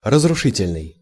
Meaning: destructive
- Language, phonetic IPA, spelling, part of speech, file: Russian, [rəzrʊˈʂɨtʲɪlʲnɨj], разрушительный, adjective, Ru-разрушительный.ogg